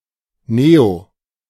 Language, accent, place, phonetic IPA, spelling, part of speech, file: German, Germany, Berlin, [neo], neo-, prefix, De-neo-.ogg
- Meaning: neo-